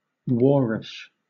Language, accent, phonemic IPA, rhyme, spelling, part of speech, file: English, Southern England, /ˈwɔːɹɪʃ/, -ɔːɹɪʃ, warish, adjective, LL-Q1860 (eng)-warish.wav
- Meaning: Alternative form of warrish (“warlike”)